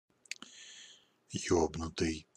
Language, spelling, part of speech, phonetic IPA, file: Russian, ёбнутый, adjective, [ˈjɵbnʊtɨj], Ru-ёбнутый.ogg
- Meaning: fucked, fucked up (weird, crazy or insane)